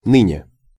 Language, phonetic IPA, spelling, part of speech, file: Russian, [ˈnɨnʲe], ныне, adverb, Ru-ныне.ogg
- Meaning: now, nowadays, today, at present